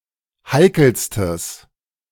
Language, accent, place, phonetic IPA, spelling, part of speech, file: German, Germany, Berlin, [ˈhaɪ̯kl̩stəs], heikelstes, adjective, De-heikelstes.ogg
- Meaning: strong/mixed nominative/accusative neuter singular superlative degree of heikel